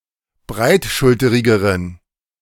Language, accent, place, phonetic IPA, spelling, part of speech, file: German, Germany, Berlin, [ˈbʁaɪ̯tˌʃʊltəʁɪɡəʁən], breitschulterigeren, adjective, De-breitschulterigeren.ogg
- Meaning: inflection of breitschulterig: 1. strong genitive masculine/neuter singular comparative degree 2. weak/mixed genitive/dative all-gender singular comparative degree